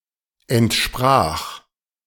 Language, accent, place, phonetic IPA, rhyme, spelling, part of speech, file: German, Germany, Berlin, [ɛntˈʃpʁaːxt], -aːxt, entspracht, verb, De-entspracht.ogg
- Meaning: second-person plural preterite of entsprechen